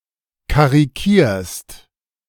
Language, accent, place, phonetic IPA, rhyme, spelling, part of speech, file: German, Germany, Berlin, [kaʁiˈkiːɐ̯st], -iːɐ̯st, karikierst, verb, De-karikierst.ogg
- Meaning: second-person singular present of karikieren